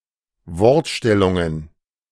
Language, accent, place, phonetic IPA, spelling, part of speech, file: German, Germany, Berlin, [ˈvɔʁtˌʃtɛlʊŋən], Wortstellungen, noun, De-Wortstellungen.ogg
- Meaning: plural of Wortstellung